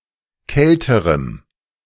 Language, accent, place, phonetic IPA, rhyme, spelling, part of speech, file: German, Germany, Berlin, [ˈkɛltəʁəm], -ɛltəʁəm, kälterem, adjective, De-kälterem.ogg
- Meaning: strong dative masculine/neuter singular comparative degree of kalt